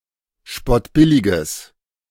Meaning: strong/mixed nominative/accusative neuter singular of spottbillig
- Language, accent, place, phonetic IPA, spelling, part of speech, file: German, Germany, Berlin, [ˈʃpɔtˌbɪlɪɡəs], spottbilliges, adjective, De-spottbilliges.ogg